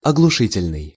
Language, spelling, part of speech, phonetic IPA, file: Russian, оглушительный, adjective, [ɐɡɫʊˈʂɨtʲɪlʲnɨj], Ru-оглушительный.ogg
- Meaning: 1. deafening 2. resounding, stunning